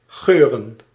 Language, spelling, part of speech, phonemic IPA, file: Dutch, geuren, verb / noun, /ˈɣøːrə(n)/, Nl-geuren.ogg
- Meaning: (verb) to smell (have a particular smell); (noun) plural of geur